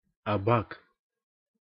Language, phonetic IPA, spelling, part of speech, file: Russian, [ɐˈbak], абак, noun, Ru-абак.ogg
- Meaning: 1. abacus (board for doing calculations) 2. abacus (uppermost member of a column) 3. genitive plural of аба́ка (abáka)